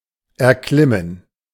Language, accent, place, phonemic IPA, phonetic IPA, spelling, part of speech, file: German, Germany, Berlin, /ɛʁˈklɪmən/, [ʔɛɐ̯ˈklɪmn̩], erklimmen, verb, De-erklimmen.ogg
- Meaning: 1. to climb, to ascend (something, e.g. a tree or mountain top) 2. to climb, to ascend, to achieve